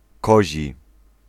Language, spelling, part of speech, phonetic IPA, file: Polish, kozi, adjective, [ˈkɔʑi], Pl-kozi.ogg